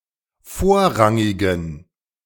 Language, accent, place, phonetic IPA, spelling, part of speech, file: German, Germany, Berlin, [ˈfoːɐ̯ˌʁaŋɪɡn̩], vorrangigen, adjective, De-vorrangigen.ogg
- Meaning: inflection of vorrangig: 1. strong genitive masculine/neuter singular 2. weak/mixed genitive/dative all-gender singular 3. strong/weak/mixed accusative masculine singular 4. strong dative plural